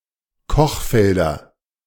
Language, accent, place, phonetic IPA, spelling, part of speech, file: German, Germany, Berlin, [ˈkɔxˌfɛldɐ], Kochfelder, noun, De-Kochfelder.ogg
- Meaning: nominative/accusative/genitive plural of Kochfeld